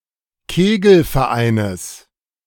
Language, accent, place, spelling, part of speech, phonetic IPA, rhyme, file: German, Germany, Berlin, Kegelvereines, noun, [ˈkeːɡl̩fɛɐ̯ˌʔaɪ̯nəs], -eːɡl̩fɛɐ̯ʔaɪ̯nəs, De-Kegelvereines.ogg
- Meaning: genitive singular of Kegelverein